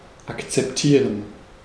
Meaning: to accept, to approve, to take, to agree to (e.g. a proposal)
- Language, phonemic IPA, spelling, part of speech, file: German, /ˌakt͡sɛpˈtiːʁən/, akzeptieren, verb, De-akzeptieren.ogg